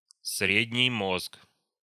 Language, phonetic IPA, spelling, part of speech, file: Russian, [ˈsrʲedʲnʲɪj ˈmosk], средний мозг, noun, Ru-средний мозг.ogg
- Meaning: midbrain